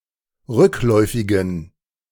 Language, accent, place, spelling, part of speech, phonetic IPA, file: German, Germany, Berlin, rückläufigen, adjective, [ˈʁʏkˌlɔɪ̯fɪɡn̩], De-rückläufigen.ogg
- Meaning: inflection of rückläufig: 1. strong genitive masculine/neuter singular 2. weak/mixed genitive/dative all-gender singular 3. strong/weak/mixed accusative masculine singular 4. strong dative plural